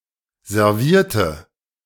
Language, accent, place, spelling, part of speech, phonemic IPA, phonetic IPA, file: German, Germany, Berlin, servierte, verb, /zɛrˈviːrtə/, [zɛɐ̯ˈvi(ː)ɐ̯tə], De-servierte.ogg
- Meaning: inflection of servieren: 1. first/third-person singular preterite 2. first/third-person singular subjunctive II